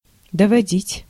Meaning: 1. to see, to lead, to take, to accompany (to), to bring (into) 2. to scald 3. to drive, to reduce, to bring, to carry 4. to inform
- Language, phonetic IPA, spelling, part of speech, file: Russian, [dəvɐˈdʲitʲ], доводить, verb, Ru-доводить.ogg